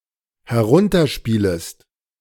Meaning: second-person singular dependent subjunctive I of herunterspielen
- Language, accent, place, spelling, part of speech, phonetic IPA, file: German, Germany, Berlin, herunterspielest, verb, [hɛˈʁʊntɐˌʃpiːləst], De-herunterspielest.ogg